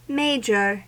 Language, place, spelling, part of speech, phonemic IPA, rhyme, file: English, California, major, adjective / noun / verb, /ˈmeɪ.d͡ʒə(ɹ)/, -eɪdʒə(ɹ), En-us-major.ogg
- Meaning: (adjective) 1. Greater in dignity, rank, importance, significance, or interest 2. Greater in number, quantity, or extent 3. Notable or conspicuous in effect or scope